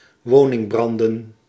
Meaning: plural of woningbrand
- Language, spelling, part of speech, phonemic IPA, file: Dutch, woningbranden, noun, /ˈwonɪŋˌbrɑndə(n)/, Nl-woningbranden.ogg